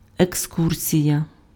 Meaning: excursion, outing
- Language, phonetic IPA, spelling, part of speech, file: Ukrainian, [ekˈskursʲijɐ], екскурсія, noun, Uk-екскурсія.ogg